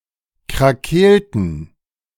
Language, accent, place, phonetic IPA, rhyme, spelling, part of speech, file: German, Germany, Berlin, [kʁaˈkeːltn̩], -eːltn̩, krakeelten, verb, De-krakeelten.ogg
- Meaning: inflection of krakeelen: 1. first/third-person plural preterite 2. first/third-person plural subjunctive II